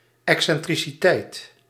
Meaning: eccentricity
- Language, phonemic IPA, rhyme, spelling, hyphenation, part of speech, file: Dutch, /ˌɛk.sɛn.tri.siˈtɛi̯t/, -ɛi̯t, excentriciteit, ex‧cen‧tri‧ci‧teit, noun, Nl-excentriciteit.ogg